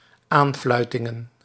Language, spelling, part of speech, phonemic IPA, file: Dutch, aanfluitingen, noun, /ˈaɱflœytɪŋə(n)/, Nl-aanfluitingen.ogg
- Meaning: plural of aanfluiting